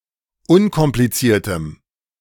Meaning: strong dative masculine/neuter singular of unkompliziert
- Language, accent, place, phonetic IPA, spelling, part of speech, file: German, Germany, Berlin, [ˈʊnkɔmplit͡siːɐ̯təm], unkompliziertem, adjective, De-unkompliziertem.ogg